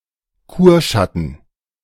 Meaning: an acquaintance or (most often) erotic affair that one meets during a stay at a health resort or other medical facility
- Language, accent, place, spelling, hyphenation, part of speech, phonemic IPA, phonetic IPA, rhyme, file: German, Germany, Berlin, Kurschatten, Kur‧schat‧ten, noun, /ˈkuːrˌʃatən/, [ˈku(ː)ɐ̯ˌʃa.tn̩], -atn̩, De-Kurschatten.ogg